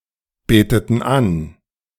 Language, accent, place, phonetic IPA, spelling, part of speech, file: German, Germany, Berlin, [ˌbeːtətn̩ ˈan], beteten an, verb, De-beteten an.ogg
- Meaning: inflection of anbeten: 1. first/third-person plural preterite 2. first/third-person plural subjunctive II